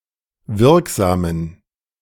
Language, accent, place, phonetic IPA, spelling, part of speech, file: German, Germany, Berlin, [ˈvɪʁkˌzaːmən], wirksamen, adjective, De-wirksamen.ogg
- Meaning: inflection of wirksam: 1. strong genitive masculine/neuter singular 2. weak/mixed genitive/dative all-gender singular 3. strong/weak/mixed accusative masculine singular 4. strong dative plural